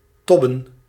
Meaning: 1. to worry 2. to flair or move repeatedly, to churn, to thrash 3. to bother, to harass
- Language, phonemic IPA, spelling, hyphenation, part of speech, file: Dutch, /ˈtɔ.bə(n)/, tobben, tob‧ben, verb, Nl-tobben.ogg